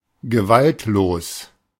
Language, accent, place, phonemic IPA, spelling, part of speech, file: German, Germany, Berlin, /ɡəˈvaltloːs/, gewaltlos, adjective, De-gewaltlos.ogg
- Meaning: non-violent